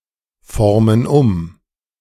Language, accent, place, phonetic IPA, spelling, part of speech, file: German, Germany, Berlin, [ˌfɔʁmən ˈʊm], formen um, verb, De-formen um.ogg
- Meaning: inflection of umformen: 1. first/third-person plural present 2. first/third-person plural subjunctive I